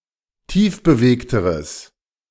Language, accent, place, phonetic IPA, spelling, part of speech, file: German, Germany, Berlin, [ˈtiːfbəˌveːktəʁəs], tiefbewegteres, adjective, De-tiefbewegteres.ogg
- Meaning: strong/mixed nominative/accusative neuter singular comparative degree of tiefbewegt